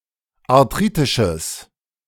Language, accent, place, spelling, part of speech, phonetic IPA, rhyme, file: German, Germany, Berlin, arthritisches, adjective, [aʁˈtʁiːtɪʃəs], -iːtɪʃəs, De-arthritisches.ogg
- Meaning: strong/mixed nominative/accusative neuter singular of arthritisch